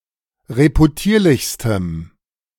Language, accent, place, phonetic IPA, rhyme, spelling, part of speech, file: German, Germany, Berlin, [ʁepuˈtiːɐ̯lɪçstəm], -iːɐ̯lɪçstəm, reputierlichstem, adjective, De-reputierlichstem.ogg
- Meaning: strong dative masculine/neuter singular superlative degree of reputierlich